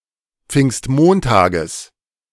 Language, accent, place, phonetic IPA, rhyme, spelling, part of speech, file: German, Germany, Berlin, [ˈp͡fɪŋstˈmoːntaːɡəs], -oːntaːɡəs, Pfingstmontages, noun, De-Pfingstmontages.ogg
- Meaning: genitive singular of Pfingstmontag